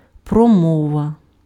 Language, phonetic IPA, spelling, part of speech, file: Ukrainian, [prɔˈmɔʋɐ], промова, noun, Uk-промова.ogg
- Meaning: speech (session of speaking, especially a long oral message given publicly by one person)